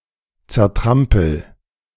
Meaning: inflection of zertrampeln: 1. first-person singular present 2. singular imperative
- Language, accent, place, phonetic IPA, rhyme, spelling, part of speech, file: German, Germany, Berlin, [t͡sɛɐ̯ˈtʁampl̩], -ampl̩, zertrampel, verb, De-zertrampel.ogg